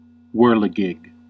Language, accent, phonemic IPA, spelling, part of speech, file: English, US, /ˈwɝ.lɪ.ɡɪɡ/, whirligig, noun / verb, En-us-whirligig.ogg
- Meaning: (noun) Anything that whirls or spins around, such as a toy top or a merry-go-round